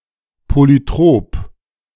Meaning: polytropic
- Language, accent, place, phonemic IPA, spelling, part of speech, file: German, Germany, Berlin, /ˌpolyˈtʁoːp/, polytrop, adjective, De-polytrop.ogg